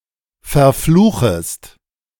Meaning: second-person singular subjunctive I of verfluchen
- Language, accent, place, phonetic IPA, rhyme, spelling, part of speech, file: German, Germany, Berlin, [fɛɐ̯ˈfluːxəst], -uːxəst, verfluchest, verb, De-verfluchest.ogg